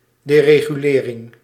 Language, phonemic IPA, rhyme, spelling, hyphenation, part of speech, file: Dutch, /ˌdeː.reː.ɣyˈleː.rɪŋ/, -eːrɪŋ, deregulering, de‧re‧gu‧le‧ring, noun, Nl-deregulering.ogg
- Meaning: deregulation